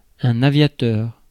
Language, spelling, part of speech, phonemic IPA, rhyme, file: French, aviateur, noun, /a.vja.tœʁ/, -œʁ, Fr-aviateur.ogg
- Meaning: aviator (male) (male pilot, airman)